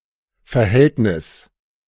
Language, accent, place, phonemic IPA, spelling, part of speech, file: German, Germany, Berlin, /fɛɐ̯ˈhɛltnɪs/, Verhältnis, noun, De-Verhältnis.ogg
- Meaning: 1. relation, ratio 2. relationship 3. affair (adulterous relationship) 4. circumstances, means (material and/or social conditions in which one lives)